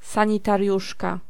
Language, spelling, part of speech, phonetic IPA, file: Polish, sanitariuszka, noun, [ˌsãɲitarʲˈjuʃka], Pl-sanitariuszka.ogg